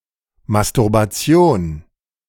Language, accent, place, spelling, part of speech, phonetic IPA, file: German, Germany, Berlin, Masturbation, noun, [mastʊʁbaˈtsi̯oːn], De-Masturbation.ogg
- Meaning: masturbation